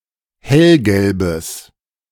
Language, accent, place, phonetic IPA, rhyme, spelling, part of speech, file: German, Germany, Berlin, [ˈhɛlɡɛlbəs], -ɛlɡɛlbəs, hellgelbes, adjective, De-hellgelbes.ogg
- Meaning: strong/mixed nominative/accusative neuter singular of hellgelb